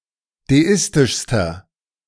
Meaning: inflection of deistisch: 1. strong/mixed nominative masculine singular superlative degree 2. strong genitive/dative feminine singular superlative degree 3. strong genitive plural superlative degree
- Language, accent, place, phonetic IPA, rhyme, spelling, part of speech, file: German, Germany, Berlin, [deˈɪstɪʃstɐ], -ɪstɪʃstɐ, deistischster, adjective, De-deistischster.ogg